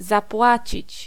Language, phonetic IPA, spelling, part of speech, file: Polish, [zaˈpwat͡ɕit͡ɕ], zapłacić, verb, Pl-zapłacić.ogg